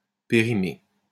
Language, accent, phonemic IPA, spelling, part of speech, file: French, France, /pe.ʁi.me/, périmer, verb, LL-Q150 (fra)-périmer.wav
- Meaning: 1. to make obsolete 2. to become obsolete 3. to become outdated, to become out of fashion, to expire